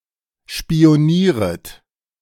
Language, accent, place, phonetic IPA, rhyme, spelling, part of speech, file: German, Germany, Berlin, [ʃpi̯oˈniːʁət], -iːʁət, spionieret, verb, De-spionieret.ogg
- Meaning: second-person plural subjunctive I of spionieren